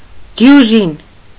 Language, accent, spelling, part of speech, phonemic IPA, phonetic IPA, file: Armenian, Eastern Armenian, դյուժին, noun, /djuˈʒin/, [djuʒín], Hy-դյուժին.ogg
- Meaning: dozen